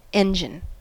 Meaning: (noun) 1. A large construction used in warfare, such as a battering ram, catapult etc 2. A tool; a utensil or implement
- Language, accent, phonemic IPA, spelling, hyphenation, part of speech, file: English, US, /ˈɛnd͡ʒɪn/, engine, en‧gine, noun / verb, En-us-engine.ogg